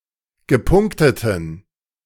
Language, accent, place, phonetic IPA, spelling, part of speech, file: German, Germany, Berlin, [ɡəˈpʊŋktətn̩], gepunkteten, adjective, De-gepunkteten.ogg
- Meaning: inflection of gepunktet: 1. strong genitive masculine/neuter singular 2. weak/mixed genitive/dative all-gender singular 3. strong/weak/mixed accusative masculine singular 4. strong dative plural